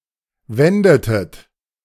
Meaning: inflection of wenden: 1. second-person plural preterite 2. second-person plural subjunctive II
- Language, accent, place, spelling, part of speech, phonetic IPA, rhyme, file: German, Germany, Berlin, wendetet, verb, [ˈvɛndətət], -ɛndətət, De-wendetet.ogg